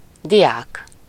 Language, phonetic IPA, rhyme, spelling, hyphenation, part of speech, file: Hungarian, [ˈdijaːk], -aːk, diák, di‧ák, noun / adjective, Hu-diák.ogg
- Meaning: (noun) student; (adjective) alternative form of deák, synonym of latin (“Latin”); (noun) nominative plural of dia